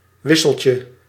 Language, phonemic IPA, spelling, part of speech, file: Dutch, /ˈwɪsəlcə/, wisseltje, noun, Nl-wisseltje.ogg
- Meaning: diminutive of wissel